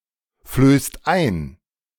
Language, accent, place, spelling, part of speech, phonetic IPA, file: German, Germany, Berlin, flößt ein, verb, [ˌfløːst ˈaɪ̯n], De-flößt ein.ogg
- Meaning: inflection of einflößen: 1. second-person singular/plural present 2. third-person singular present 3. plural imperative